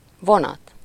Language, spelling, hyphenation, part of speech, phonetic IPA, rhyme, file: Hungarian, vonat, vo‧nat, noun / verb, [ˈvonɒt], -ɒt, Hu-vonat.ogg
- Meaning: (noun) train (line of connected cars or carriages); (verb) causative of von: to have someone draw/pull something or to have something drawn/pulled